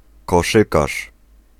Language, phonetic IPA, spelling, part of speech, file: Polish, [kɔˈʃɨkaʃ], koszykarz, noun, Pl-koszykarz.ogg